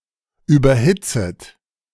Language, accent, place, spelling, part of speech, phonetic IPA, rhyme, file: German, Germany, Berlin, überhitzet, verb, [ˌyːbɐˈhɪt͡sət], -ɪt͡sət, De-überhitzet.ogg
- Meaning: second-person plural subjunctive I of überhitzen